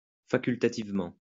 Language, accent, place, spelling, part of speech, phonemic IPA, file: French, France, Lyon, facultativement, adverb, /fa.kyl.ta.tiv.mɑ̃/, LL-Q150 (fra)-facultativement.wav
- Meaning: optionally, electively